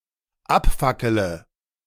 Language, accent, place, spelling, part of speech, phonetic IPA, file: German, Germany, Berlin, abfackele, verb, [ˈapˌfakələ], De-abfackele.ogg
- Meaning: inflection of abfackeln: 1. first-person singular dependent present 2. first/third-person singular dependent subjunctive I